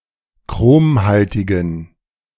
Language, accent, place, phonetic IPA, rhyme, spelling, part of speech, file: German, Germany, Berlin, [ˈkʁoːmˌhaltɪɡn̩], -oːmhaltɪɡn̩, chromhaltigen, adjective, De-chromhaltigen.ogg
- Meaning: inflection of chromhaltig: 1. strong genitive masculine/neuter singular 2. weak/mixed genitive/dative all-gender singular 3. strong/weak/mixed accusative masculine singular 4. strong dative plural